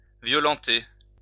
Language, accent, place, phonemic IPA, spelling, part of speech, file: French, France, Lyon, /vjɔ.lɑ̃.te/, violenter, verb, LL-Q150 (fra)-violenter.wav
- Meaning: 1. to subject to violence, commit violence upon 2. to rape, sexually assault